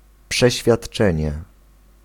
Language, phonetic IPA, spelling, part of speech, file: Polish, [ˌpʃɛɕfʲjaṭˈt͡ʃɛ̃ɲɛ], przeświadczenie, noun, Pl-przeświadczenie.ogg